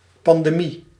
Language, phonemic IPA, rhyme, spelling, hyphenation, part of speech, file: Dutch, /ˌpɑn.deːˈmi/, -i, pandemie, pan‧de‧mie, noun, Nl-pandemie.ogg
- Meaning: pandemic